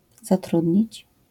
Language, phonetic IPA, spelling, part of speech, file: Polish, [zaˈtrudʲɲit͡ɕ], zatrudnić, verb, LL-Q809 (pol)-zatrudnić.wav